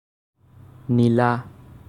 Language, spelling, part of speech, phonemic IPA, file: Assamese, নীলা, adjective, /ni.lɑ/, As-নীলা.ogg
- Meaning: 1. blue 2. blueish